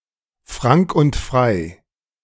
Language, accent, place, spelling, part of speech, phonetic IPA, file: German, Germany, Berlin, frank und frei, phrase, [fʁaŋk ʊnt fʁaɪ̯], De-frank und frei.ogg
- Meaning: at ease, honest